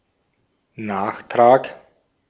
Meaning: addendum (something to be added)
- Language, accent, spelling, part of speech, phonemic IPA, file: German, Austria, Nachtrag, noun, /ˈnaːχˌtʁaːk/, De-at-Nachtrag.ogg